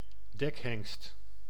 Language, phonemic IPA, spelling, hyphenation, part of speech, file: Dutch, /ˈdɛk.ɦɛŋst/, dekhengst, dek‧hengst, noun, Nl-dekhengst.ogg
- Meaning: 1. stallion, male stud horse (male horse kept for breeding) 2. human stud, stallion, male sex machine 3. ironical term for a foreman of harbour labourers